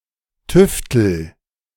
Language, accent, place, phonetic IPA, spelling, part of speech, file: German, Germany, Berlin, [ˈtʏftl̩], tüftel, verb, De-tüftel.ogg
- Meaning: inflection of tüfteln: 1. first-person singular present 2. singular imperative